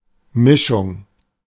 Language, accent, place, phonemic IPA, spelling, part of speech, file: German, Germany, Berlin, /ˈmɪʃʊŋ/, Mischung, noun, De-Mischung.ogg
- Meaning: 1. mix, mixture 2. shuffle